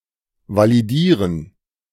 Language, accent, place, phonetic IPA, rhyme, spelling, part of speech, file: German, Germany, Berlin, [valiˈdiːʁən], -iːʁən, validieren, verb, De-validieren.ogg
- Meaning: to validate (check the validity of)